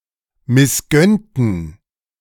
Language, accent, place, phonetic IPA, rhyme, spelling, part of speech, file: German, Germany, Berlin, [mɪsˈɡœntn̩], -œntn̩, missgönnten, adjective / verb, De-missgönnten.ogg
- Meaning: inflection of missgönnen: 1. first/third-person plural preterite 2. first/third-person plural subjunctive II